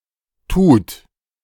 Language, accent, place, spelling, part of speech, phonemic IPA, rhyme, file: German, Germany, Berlin, tut, verb, /tuːt/, -uːt, De-tut.ogg
- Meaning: 1. third-person singular present of tun 2. inflection of tun: second-person plural present 3. inflection of tun: plural imperative